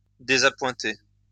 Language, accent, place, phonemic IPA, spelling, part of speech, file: French, France, Lyon, /de.za.pwɛ̃.te/, désappointé, verb, LL-Q150 (fra)-désappointé.wav
- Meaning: past participle of désappointer